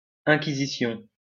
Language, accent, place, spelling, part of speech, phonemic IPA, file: French, France, Lyon, inquisition, noun, /ɛ̃.ki.zi.sjɔ̃/, LL-Q150 (fra)-inquisition.wav
- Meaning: inquisition